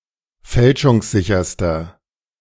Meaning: inflection of fälschungssicher: 1. strong/mixed nominative masculine singular superlative degree 2. strong genitive/dative feminine singular superlative degree
- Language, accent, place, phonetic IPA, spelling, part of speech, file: German, Germany, Berlin, [ˈfɛlʃʊŋsˌzɪçɐstɐ], fälschungssicherster, adjective, De-fälschungssicherster.ogg